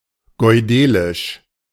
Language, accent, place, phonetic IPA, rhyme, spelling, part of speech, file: German, Germany, Berlin, [ɡɔɪ̯ˈdeːlɪʃ], -eːlɪʃ, goidelisch, adjective, De-goidelisch.ogg
- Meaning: Goidelic